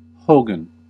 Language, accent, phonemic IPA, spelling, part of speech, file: English, US, /ˈhoʊ.ɡən/, hogan, noun, En-us-hogan.ogg
- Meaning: A one-room Native American (especially Navajo) dwelling or lodge, constructed of wood and earth and covered with mud